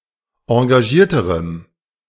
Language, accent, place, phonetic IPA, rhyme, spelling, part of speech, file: German, Germany, Berlin, [ɑ̃ɡaˈʒiːɐ̯təʁəm], -iːɐ̯təʁəm, engagierterem, adjective, De-engagierterem.ogg
- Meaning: strong dative masculine/neuter singular comparative degree of engagiert